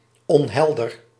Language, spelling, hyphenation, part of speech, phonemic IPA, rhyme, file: Dutch, onhelder, on‧hel‧der, adjective, /ˌɔnˈɦɛl.dər/, -ɛldər, Nl-onhelder.ogg
- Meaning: 1. unclear (lacking conceptual clarity) 2. unclear (not transparent)